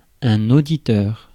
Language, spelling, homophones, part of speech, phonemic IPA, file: French, auditeur, auditeurs, noun, /o.di.tœʁ/, Fr-auditeur.ogg
- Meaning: 1. auditor 2. listener (someone who listens) 3. recorder (type of judge)